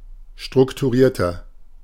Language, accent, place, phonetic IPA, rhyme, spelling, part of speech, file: German, Germany, Berlin, [ˌʃtʁʊktuˈʁiːɐ̯tɐ], -iːɐ̯tɐ, strukturierter, adjective, De-strukturierter.ogg
- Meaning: 1. comparative degree of strukturiert 2. inflection of strukturiert: strong/mixed nominative masculine singular 3. inflection of strukturiert: strong genitive/dative feminine singular